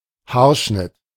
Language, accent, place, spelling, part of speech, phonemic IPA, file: German, Germany, Berlin, Haarschnitt, noun, /ˈhaːɐ̯ˌʃnɪt/, De-Haarschnitt.ogg
- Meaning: haircut